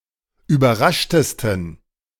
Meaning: 1. superlative degree of überrascht 2. inflection of überrascht: strong genitive masculine/neuter singular superlative degree
- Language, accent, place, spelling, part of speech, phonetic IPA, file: German, Germany, Berlin, überraschtesten, adjective, [yːbɐˈʁaʃtəstn̩], De-überraschtesten.ogg